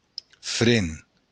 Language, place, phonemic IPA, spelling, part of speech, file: Occitan, Béarn, /fɾɛn/, fren, noun, LL-Q14185 (oci)-fren.wav
- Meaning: 1. bit, bridle 2. brake